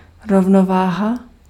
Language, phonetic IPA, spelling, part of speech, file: Czech, [ˈrovnovaːɦa], rovnováha, noun, Cs-rovnováha.ogg
- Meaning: balance, equilibrium